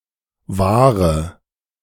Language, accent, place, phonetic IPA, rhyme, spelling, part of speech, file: German, Germany, Berlin, [ˈvaːʁə], -aːʁə, wahre, adjective / verb, De-wahre.ogg
- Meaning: inflection of wahr: 1. strong/mixed nominative/accusative feminine singular 2. strong nominative/accusative plural 3. weak nominative all-gender singular 4. weak accusative feminine/neuter singular